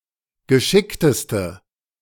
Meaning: inflection of geschickt: 1. strong/mixed nominative/accusative feminine singular superlative degree 2. strong nominative/accusative plural superlative degree
- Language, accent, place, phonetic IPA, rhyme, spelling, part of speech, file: German, Germany, Berlin, [ɡəˈʃɪktəstə], -ɪktəstə, geschickteste, adjective, De-geschickteste.ogg